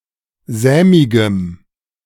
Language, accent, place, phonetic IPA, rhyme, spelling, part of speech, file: German, Germany, Berlin, [ˈzɛːmɪɡəm], -ɛːmɪɡəm, sämigem, adjective, De-sämigem.ogg
- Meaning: strong dative masculine/neuter singular of sämig